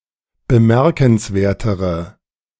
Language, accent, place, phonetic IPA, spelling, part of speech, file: German, Germany, Berlin, [bəˈmɛʁkn̩sˌveːɐ̯təʁə], bemerkenswertere, adjective, De-bemerkenswertere.ogg
- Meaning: inflection of bemerkenswert: 1. strong/mixed nominative/accusative feminine singular comparative degree 2. strong nominative/accusative plural comparative degree